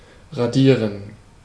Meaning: 1. to etch (to engrave) 2. to erase, rub out
- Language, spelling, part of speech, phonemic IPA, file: German, radieren, verb, /ʁaˈdiːʁən/, De-radieren.ogg